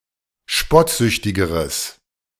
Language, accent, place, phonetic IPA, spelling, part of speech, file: German, Germany, Berlin, [ˈʃpɔtˌzʏçtɪɡəʁəs], spottsüchtigeres, adjective, De-spottsüchtigeres.ogg
- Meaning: strong/mixed nominative/accusative neuter singular comparative degree of spottsüchtig